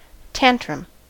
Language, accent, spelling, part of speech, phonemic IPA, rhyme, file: English, US, tantrum, noun / verb, /ˈtæn.tɹʌm/, -æntɹʌm, En-us-tantrum.ogg
- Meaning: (noun) An often childish display or fit of bad temper; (verb) To throw a tantrum